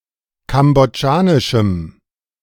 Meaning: strong dative masculine/neuter singular of kambodschanisch
- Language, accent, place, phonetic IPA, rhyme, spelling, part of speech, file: German, Germany, Berlin, [ˌkamboˈd͡ʒaːnɪʃm̩], -aːnɪʃm̩, kambodschanischem, adjective, De-kambodschanischem.ogg